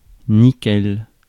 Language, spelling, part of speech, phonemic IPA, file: French, nickel, noun / adjective, /ni.kɛl/, Fr-nickel.ogg
- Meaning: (noun) 1. nickel (metal) 2. atom of nickel; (adjective) 1. spotless 2. perfect, bang on